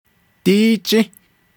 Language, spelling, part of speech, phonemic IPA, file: Navajo, díí jį́, adverb, /tíː t͡ʃĩ́/, Nv-díí jį́.ogg
- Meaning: today; this day